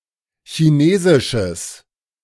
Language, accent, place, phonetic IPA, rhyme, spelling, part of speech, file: German, Germany, Berlin, [çiˈneːzɪʃəs], -eːzɪʃəs, chinesisches, adjective, De-chinesisches.ogg
- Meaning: strong/mixed nominative/accusative neuter singular of chinesisch